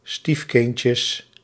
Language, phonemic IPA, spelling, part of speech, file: Dutch, /ˈstifkɪncəs/, stiefkindjes, noun, Nl-stiefkindjes.ogg
- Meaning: plural of stiefkindje